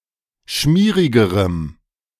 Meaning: strong dative masculine/neuter singular comparative degree of schmierig
- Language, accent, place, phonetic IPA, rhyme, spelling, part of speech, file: German, Germany, Berlin, [ˈʃmiːʁɪɡəʁəm], -iːʁɪɡəʁəm, schmierigerem, adjective, De-schmierigerem.ogg